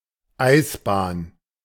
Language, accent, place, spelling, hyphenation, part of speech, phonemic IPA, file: German, Germany, Berlin, Eisbahn, Eis‧bahn, noun, /ˈaɪ̯sˌbaːn/, De-Eisbahn.ogg
- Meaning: 1. ice rink 2. iced track (for bobsleigh etc.)